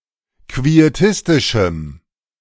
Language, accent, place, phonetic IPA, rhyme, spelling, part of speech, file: German, Germany, Berlin, [kvieˈtɪstɪʃm̩], -ɪstɪʃm̩, quietistischem, adjective, De-quietistischem.ogg
- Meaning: strong dative masculine/neuter singular of quietistisch